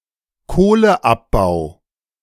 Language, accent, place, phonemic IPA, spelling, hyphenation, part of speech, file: German, Germany, Berlin, /ˈkoːlə.ˌapbaʊ̯/, Kohleabbau, Koh‧le‧ab‧bau, noun, De-Kohleabbau.ogg
- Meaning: coal mining